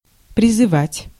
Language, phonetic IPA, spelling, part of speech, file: Russian, [prʲɪzɨˈvatʲ], призывать, verb, Ru-призывать.ogg
- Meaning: 1. to call, to appeal, to summon 2. to call upon (to), to urge (to) 3. to draft, to call out, to call up